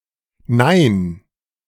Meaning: a no
- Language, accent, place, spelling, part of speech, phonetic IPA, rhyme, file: German, Germany, Berlin, Nein, noun, [naɪ̯n], -aɪ̯n, De-Nein.ogg